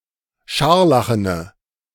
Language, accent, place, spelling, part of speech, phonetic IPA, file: German, Germany, Berlin, scharlachene, adjective, [ˈʃaʁlaxənə], De-scharlachene.ogg
- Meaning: inflection of scharlachen: 1. strong/mixed nominative/accusative feminine singular 2. strong nominative/accusative plural 3. weak nominative all-gender singular